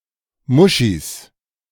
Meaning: plural of Muschi
- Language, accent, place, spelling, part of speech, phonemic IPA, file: German, Germany, Berlin, Muschis, noun, /ˈmʊʃiːs/, De-Muschis.ogg